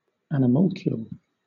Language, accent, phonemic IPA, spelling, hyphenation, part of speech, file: English, Southern England, /ænɪˈmælkjuːl/, animalcule, ani‧mal‧cule, noun, LL-Q1860 (eng)-animalcule.wav
- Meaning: A sperm cell or spermatozoon; also, the embryo that was formerly thought to be contained inside a spermatozoon in a fully developed state